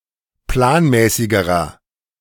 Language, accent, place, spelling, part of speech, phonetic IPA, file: German, Germany, Berlin, planmäßigerer, adjective, [ˈplaːnˌmɛːsɪɡəʁɐ], De-planmäßigerer.ogg
- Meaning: inflection of planmäßig: 1. strong/mixed nominative masculine singular comparative degree 2. strong genitive/dative feminine singular comparative degree 3. strong genitive plural comparative degree